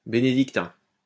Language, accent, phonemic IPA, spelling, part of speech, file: French, France, /be.ne.dik.tɛ̃/, bénédictin, adjective / noun, LL-Q150 (fra)-bénédictin.wav
- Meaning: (adjective) Benedictine; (noun) Benedictine (monk / nun)